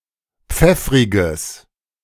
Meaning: strong/mixed nominative/accusative neuter singular of pfeffrig
- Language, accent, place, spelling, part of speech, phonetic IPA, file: German, Germany, Berlin, pfeffriges, adjective, [ˈp͡fɛfʁɪɡəs], De-pfeffriges.ogg